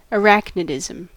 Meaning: The condition of being poisoned as a result of a spider's bite
- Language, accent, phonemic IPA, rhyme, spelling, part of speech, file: English, US, /əˈɹæknɪdɪzəm/, -æknɪdɪzəm, arachnidism, noun, En-us-arachnidism.ogg